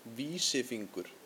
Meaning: index finger
- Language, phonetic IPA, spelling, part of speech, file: Icelandic, [ˈviːsɪˌfiŋkʏr], vísifingur, noun, Is-vísifingur.ogg